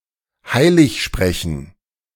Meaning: to canonize (declare someone a saint, thereby recommending their veneration to the whole Church)
- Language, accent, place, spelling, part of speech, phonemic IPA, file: German, Germany, Berlin, heiligsprechen, verb, /ˈhaɪ̯lɪçˌʃpʁɛçən/, De-heiligsprechen.ogg